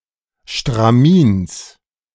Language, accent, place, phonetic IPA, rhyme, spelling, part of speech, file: German, Germany, Berlin, [ʃtʁaˈmiːns], -iːns, Stramins, noun, De-Stramins.ogg
- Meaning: genitive singular of Stramin